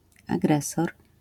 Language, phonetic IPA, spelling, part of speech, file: Polish, [aˈɡrɛsɔr], agresor, noun, LL-Q809 (pol)-agresor.wav